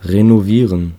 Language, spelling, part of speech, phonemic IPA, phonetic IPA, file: German, renovieren, verb, /ʁenoˈviːʁən/, [ʁenoˈviːɐ̯n], De-renovieren.ogg
- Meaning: to renovate